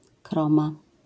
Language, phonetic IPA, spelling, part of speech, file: Polish, [ˈkrɔ̃ma], kroma, noun, LL-Q809 (pol)-kroma.wav